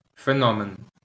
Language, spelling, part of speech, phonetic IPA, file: Ukrainian, феномен, noun, [feˈnɔmen], LL-Q8798 (ukr)-феномен.wav
- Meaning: phenomenon